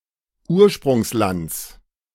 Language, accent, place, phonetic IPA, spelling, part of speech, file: German, Germany, Berlin, [ˈuːɐ̯ʃpʁʊŋsˌlant͡s], Ursprungslands, noun, De-Ursprungslands.ogg
- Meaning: genitive of Ursprungsland